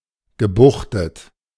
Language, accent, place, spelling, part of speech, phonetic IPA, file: German, Germany, Berlin, gebuchtet, adjective, [ɡəˈbuxtət], De-gebuchtet.ogg
- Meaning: bayed (having bays)